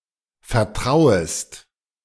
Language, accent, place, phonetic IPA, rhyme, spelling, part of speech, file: German, Germany, Berlin, [fɛɐ̯ˈtʁaʊ̯əst], -aʊ̯əst, vertrauest, verb, De-vertrauest.ogg
- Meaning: second-person singular subjunctive I of vertrauen